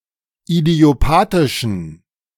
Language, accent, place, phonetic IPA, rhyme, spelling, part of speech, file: German, Germany, Berlin, [idi̯oˈpaːtɪʃn̩], -aːtɪʃn̩, idiopathischen, adjective, De-idiopathischen.ogg
- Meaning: inflection of idiopathisch: 1. strong genitive masculine/neuter singular 2. weak/mixed genitive/dative all-gender singular 3. strong/weak/mixed accusative masculine singular 4. strong dative plural